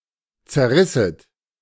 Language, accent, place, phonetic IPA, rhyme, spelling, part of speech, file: German, Germany, Berlin, [t͡sɛɐ̯ˈʁɪsət], -ɪsət, zerrisset, verb, De-zerrisset.ogg
- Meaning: second-person plural subjunctive II of zerreißen